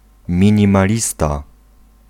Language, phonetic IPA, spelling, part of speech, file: Polish, [ˌmʲĩɲĩmaˈlʲista], minimalista, noun, Pl-minimalista.ogg